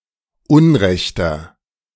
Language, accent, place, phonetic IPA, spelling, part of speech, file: German, Germany, Berlin, [ˈʊnˌʁɛçtɐ], unrechter, adjective, De-unrechter.ogg
- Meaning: inflection of unrecht: 1. strong/mixed nominative masculine singular 2. strong genitive/dative feminine singular 3. strong genitive plural